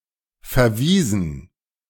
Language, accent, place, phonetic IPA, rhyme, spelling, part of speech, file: German, Germany, Berlin, [fɛɐ̯ˈviːzn̩], -iːzn̩, verwiesen, verb, De-verwiesen.ogg
- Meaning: 1. past participle of verweisen 2. inflection of verweisen: first/third-person plural preterite 3. inflection of verweisen: first/third-person plural subjunctive II